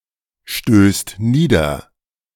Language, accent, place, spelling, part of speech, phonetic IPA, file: German, Germany, Berlin, stößt nieder, verb, [ˌʃtøːst ˈniːdɐ], De-stößt nieder.ogg
- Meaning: second/third-person singular present of niederstoßen